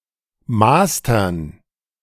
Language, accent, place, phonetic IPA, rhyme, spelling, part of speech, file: German, Germany, Berlin, [ˈmaːstɐn], -aːstɐn, Mastern, noun, De-Mastern.ogg
- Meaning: dative plural of Master